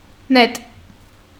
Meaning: arrow
- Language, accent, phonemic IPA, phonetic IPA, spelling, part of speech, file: Armenian, Eastern Armenian, /net/, [net], նետ, noun, Hy-նետ.ogg